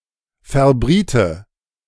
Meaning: first/third-person singular subjunctive II of verbraten
- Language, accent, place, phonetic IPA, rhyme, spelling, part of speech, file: German, Germany, Berlin, [fɛɐ̯ˈbʁiːtə], -iːtə, verbriete, verb, De-verbriete.ogg